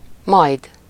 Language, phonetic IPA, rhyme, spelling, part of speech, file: Hungarian, [ˈmɒjd], -ɒjd, majd, adverb, Hu-majd.ogg
- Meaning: 1. sometime, later (at an indefinite point of time in the future) 2. and then, afterwards, after (it)